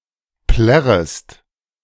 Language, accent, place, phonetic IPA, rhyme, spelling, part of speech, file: German, Germany, Berlin, [ˈplɛʁəst], -ɛʁəst, plärrest, verb, De-plärrest.ogg
- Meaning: second-person singular subjunctive I of plärren